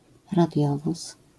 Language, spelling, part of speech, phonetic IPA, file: Polish, radiowóz, noun, [raˈdʲjɔvus], LL-Q809 (pol)-radiowóz.wav